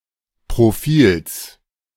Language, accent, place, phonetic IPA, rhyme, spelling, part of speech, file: German, Germany, Berlin, [pʁoˈfiːls], -iːls, Profils, noun, De-Profils.ogg
- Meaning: genitive singular of Profil